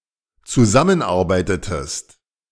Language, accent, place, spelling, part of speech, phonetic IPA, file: German, Germany, Berlin, zusammenarbeitetest, verb, [t͡suˈzamənˌʔaʁbaɪ̯tətəst], De-zusammenarbeitetest.ogg
- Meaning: inflection of zusammenarbeiten: 1. second-person singular dependent preterite 2. second-person singular dependent subjunctive II